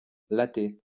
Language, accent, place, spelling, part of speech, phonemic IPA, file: French, France, Lyon, latte, noun, /lat/, LL-Q150 (fra)-latte.wav
- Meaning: 1. lath 2. slat 3. ruler (measuring device) 4. shoe; foot 5. hit, puff 6. ski 7. batten